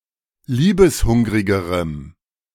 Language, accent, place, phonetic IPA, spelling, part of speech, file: German, Germany, Berlin, [ˈliːbəsˌhʊŋʁɪɡəʁəm], liebeshungrigerem, adjective, De-liebeshungrigerem.ogg
- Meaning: strong dative masculine/neuter singular comparative degree of liebeshungrig